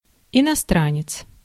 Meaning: foreigner
- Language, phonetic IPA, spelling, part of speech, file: Russian, [ɪnɐˈstranʲɪt͡s], иностранец, noun, Ru-иностранец.ogg